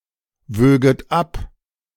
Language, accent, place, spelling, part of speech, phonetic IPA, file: German, Germany, Berlin, wöget ab, verb, [ˌvøːɡət ˈap], De-wöget ab.ogg
- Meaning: second-person plural subjunctive II of abwiegen